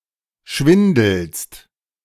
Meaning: second-person singular present of schwindeln
- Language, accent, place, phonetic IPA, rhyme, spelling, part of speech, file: German, Germany, Berlin, [ˈʃvɪndl̩st], -ɪndl̩st, schwindelst, verb, De-schwindelst.ogg